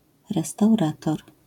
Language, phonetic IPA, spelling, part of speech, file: Polish, [ˌrɛstawˈratɔr], restaurator, noun, LL-Q809 (pol)-restaurator.wav